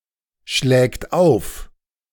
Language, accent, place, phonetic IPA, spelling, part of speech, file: German, Germany, Berlin, [ʃlɛːkt ˈaʊ̯f], schlägt auf, verb, De-schlägt auf.ogg
- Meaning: third-person singular present of aufschlagen